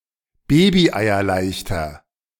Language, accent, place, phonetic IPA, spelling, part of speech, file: German, Germany, Berlin, [ˈbeːbiʔaɪ̯ɐˌlaɪ̯çtɐ], babyeierleichter, adjective, De-babyeierleichter.ogg
- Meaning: inflection of babyeierleicht: 1. strong/mixed nominative masculine singular 2. strong genitive/dative feminine singular 3. strong genitive plural